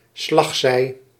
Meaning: tilt
- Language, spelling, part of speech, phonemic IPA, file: Dutch, slagzij, noun, /ˈslɑxsɛi/, Nl-slagzij.ogg